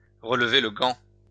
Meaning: to take up the gauntlet
- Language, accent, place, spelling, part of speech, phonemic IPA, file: French, France, Lyon, relever le gant, verb, /ʁə.l(ə).ve l(ə) ɡɑ̃/, LL-Q150 (fra)-relever le gant.wav